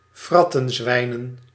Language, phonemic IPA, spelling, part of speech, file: Dutch, /ˈvrɑtə(n)ˌzwɛinə(n)/, wrattenzwijnen, noun, Nl-wrattenzwijnen.ogg
- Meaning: plural of wrattenzwijn